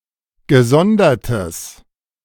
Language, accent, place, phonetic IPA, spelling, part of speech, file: German, Germany, Berlin, [ɡəˈzɔndɐtəs], gesondertes, adjective, De-gesondertes.ogg
- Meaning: strong/mixed nominative/accusative neuter singular of gesondert